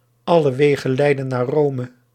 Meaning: all roads lead to Rome
- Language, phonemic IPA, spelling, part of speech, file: Dutch, /ˈɑ.lə ˈʋeː.ɣə(n)ˈlɛi̯.də(n)naːr ˈroː.mə/, alle wegen leiden naar Rome, proverb, Nl-alle wegen leiden naar Rome.ogg